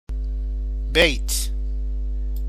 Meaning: 1. couplet, distich 2. house, building, temple
- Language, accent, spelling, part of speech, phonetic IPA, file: Persian, Iran, بیت, noun, [bejt̪ʰ], Fa-بیت.ogg